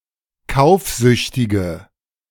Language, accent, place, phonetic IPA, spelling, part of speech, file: German, Germany, Berlin, [ˈkaʊ̯fˌzʏçtɪɡə], kaufsüchtige, adjective, De-kaufsüchtige.ogg
- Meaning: inflection of kaufsüchtig: 1. strong/mixed nominative/accusative feminine singular 2. strong nominative/accusative plural 3. weak nominative all-gender singular